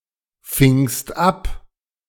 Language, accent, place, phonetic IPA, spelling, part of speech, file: German, Germany, Berlin, [ˌfɪŋst ˈap], fingst ab, verb, De-fingst ab.ogg
- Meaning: second-person singular preterite of abfangen